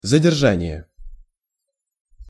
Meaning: apprehension (arrest), detention (custody)
- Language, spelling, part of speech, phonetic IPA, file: Russian, задержание, noun, [zədʲɪrˈʐanʲɪje], Ru-задержание.ogg